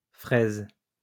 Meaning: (noun) plural of fraise; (verb) second-person singular present indicative/subjunctive of fraiser
- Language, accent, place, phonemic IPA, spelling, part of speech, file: French, France, Lyon, /fʁɛz/, fraises, noun / verb, LL-Q150 (fra)-fraises.wav